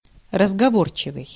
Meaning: talkative, loquacious
- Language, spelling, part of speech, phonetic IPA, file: Russian, разговорчивый, adjective, [rəzɡɐˈvort͡ɕɪvɨj], Ru-разговорчивый.ogg